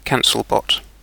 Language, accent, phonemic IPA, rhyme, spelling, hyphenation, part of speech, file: English, UK, /ˈkæn.səlˌbɒt/, -ænsəlbɒt, cancelbot, can‧cel‧bot, noun, En-uk-cancelbot.ogg
- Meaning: A bot that sends messages to newsgroups to remove certain postings, especially spam